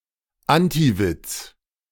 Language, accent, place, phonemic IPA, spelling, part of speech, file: German, Germany, Berlin, /ˈantiˌvɪt͡s/, Antiwitz, noun, De-Antiwitz.ogg
- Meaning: 1. antijoke (story that sounds like a joke, but has no punchline) 2. synonym of Flachwitz (“joke whose punchline is corny and stupid, possibly deliberately so”)